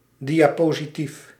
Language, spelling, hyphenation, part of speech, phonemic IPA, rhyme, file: Dutch, diapositief, dia‧po‧si‧tief, noun, /ˌdi.aː.poː.ziˈtif/, -if, Nl-diapositief.ogg
- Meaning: slide, diapositive